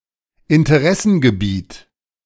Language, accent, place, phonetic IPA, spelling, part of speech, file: German, Germany, Berlin, [ɪntəˈʁɛsn̩ɡəˌbiːt], Interessengebiet, noun, De-Interessengebiet.ogg
- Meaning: area of interest (in science and others)